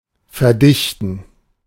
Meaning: 1. to condense, to densify 2. to solidify 3. to compress
- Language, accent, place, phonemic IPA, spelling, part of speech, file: German, Germany, Berlin, /fɛɐ̯ˈdɪçtn̩/, verdichten, verb, De-verdichten.ogg